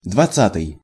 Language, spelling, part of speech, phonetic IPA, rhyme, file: Russian, двадцатый, adjective, [dvɐˈt͡s(ː)atɨj], -atɨj, Ru-двадцатый.ogg
- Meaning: twentieth